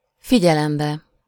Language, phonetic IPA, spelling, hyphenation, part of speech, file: Hungarian, [ˈfiɟɛlɛmbɛ], figyelembe, fi‧gye‧lem‧be, noun, Hu-figyelembe.ogg
- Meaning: illative singular of figyelem